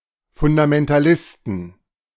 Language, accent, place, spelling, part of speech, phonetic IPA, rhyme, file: German, Germany, Berlin, Fundamentalisten, noun, [ˌfʊndamɛntaˈlɪstn̩], -ɪstn̩, De-Fundamentalisten.ogg
- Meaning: 1. genitive singular of Fundamentalist 2. plural of Fundamentalist